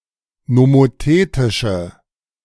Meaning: inflection of nomothetisch: 1. strong/mixed nominative/accusative feminine singular 2. strong nominative/accusative plural 3. weak nominative all-gender singular
- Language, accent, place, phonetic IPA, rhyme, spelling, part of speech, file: German, Germany, Berlin, [nomoˈteːtɪʃə], -eːtɪʃə, nomothetische, adjective, De-nomothetische.ogg